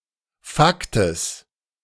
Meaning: genitive singular of Fakt
- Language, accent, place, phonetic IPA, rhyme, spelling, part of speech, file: German, Germany, Berlin, [ˈfaktəs], -aktəs, Faktes, noun, De-Faktes.ogg